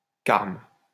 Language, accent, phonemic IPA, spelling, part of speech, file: French, France, /kaʁm/, carme, noun, LL-Q150 (fra)-carme.wav
- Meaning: Carmelite, white friar